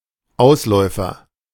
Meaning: 1. offshoot 2. stolon
- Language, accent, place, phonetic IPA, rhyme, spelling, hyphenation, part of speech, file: German, Germany, Berlin, [ˈaʊ̯sˌlɔɪ̯fɐ], -ɔɪ̯fɐ, Ausläufer, Aus‧läu‧fer, noun, De-Ausläufer.ogg